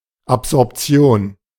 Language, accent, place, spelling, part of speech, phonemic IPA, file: German, Germany, Berlin, Absorption, noun, /apzɔʁpˈt͡si̯oːn/, De-Absorption.ogg
- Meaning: absorption (act or process of absorbing, either liquid or light)